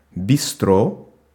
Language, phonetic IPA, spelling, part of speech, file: Russian, [bʲɪˈstro], бистро, noun, Ru-бистро.ogg
- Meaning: bistro